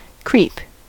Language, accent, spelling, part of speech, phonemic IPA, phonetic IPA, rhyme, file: English, US, creep, verb / noun, /kɹiːp/, [kʰɹiːp], -iːp, En-us-creep.ogg
- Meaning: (verb) 1. To move slowly with the abdomen close to the ground 2. To grow across a surface rather than upwards 3. To move slowly and quietly in a particular direction